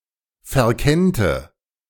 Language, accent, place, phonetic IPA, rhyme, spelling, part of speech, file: German, Germany, Berlin, [fɛɐ̯ˈkɛntə], -ɛntə, verkennte, verb, De-verkennte.ogg
- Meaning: first/third-person singular subjunctive II of verkennen